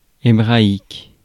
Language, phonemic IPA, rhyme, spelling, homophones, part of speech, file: French, /e.bʁa.ik/, -ik, hébraïque, hébraïques, adjective, Fr-hébraïque.ogg
- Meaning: Hebraic